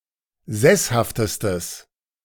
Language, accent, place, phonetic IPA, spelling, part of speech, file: German, Germany, Berlin, [ˈzɛshaftəstəs], sesshaftestes, adjective, De-sesshaftestes.ogg
- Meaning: strong/mixed nominative/accusative neuter singular superlative degree of sesshaft